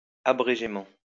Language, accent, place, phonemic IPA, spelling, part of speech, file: French, France, Lyon, /a.bʁe.ʒe.mɑ̃/, abrégément, adverb, LL-Q150 (fra)-abrégément.wav
- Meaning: abridgedly